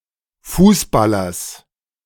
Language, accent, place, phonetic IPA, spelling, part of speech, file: German, Germany, Berlin, [ˈfuːsˌbalɐs], Fußballers, noun, De-Fußballers.ogg
- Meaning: genitive singular of Fußballer